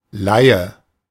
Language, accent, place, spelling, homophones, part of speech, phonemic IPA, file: German, Germany, Berlin, Laie, leihe / Leihe, noun, /ˈlaɪ̯ə/, De-Laie.ogg
- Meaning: 1. layman, layperson, laic, nonclergyman 2. amateur, nonprofessional, layman, layperson